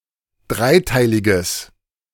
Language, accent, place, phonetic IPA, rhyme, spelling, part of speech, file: German, Germany, Berlin, [ˈdʁaɪ̯ˌtaɪ̯lɪɡəs], -aɪ̯taɪ̯lɪɡəs, dreiteiliges, adjective, De-dreiteiliges.ogg
- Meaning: strong/mixed nominative/accusative neuter singular of dreiteilig